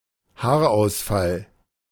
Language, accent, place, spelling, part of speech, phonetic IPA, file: German, Germany, Berlin, Haarausfall, noun, [ˈhaːɐ̯ʔaʊ̯sˌfal], De-Haarausfall.ogg
- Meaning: alopecia, hair loss